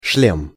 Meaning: 1. helmet 2. headpiece (as in a horse's)
- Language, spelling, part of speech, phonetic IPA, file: Russian, шлем, noun, [ʂlʲem], Ru-шлем.ogg